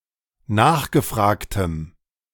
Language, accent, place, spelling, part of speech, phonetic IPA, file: German, Germany, Berlin, nachgefragtem, adjective, [ˈnaːxɡəˌfʁaːktəm], De-nachgefragtem.ogg
- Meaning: strong dative masculine/neuter singular of nachgefragt